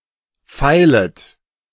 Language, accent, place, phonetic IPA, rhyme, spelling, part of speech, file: German, Germany, Berlin, [ˈfaɪ̯lət], -aɪ̯lət, feilet, verb, De-feilet.ogg
- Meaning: second-person plural subjunctive I of feilen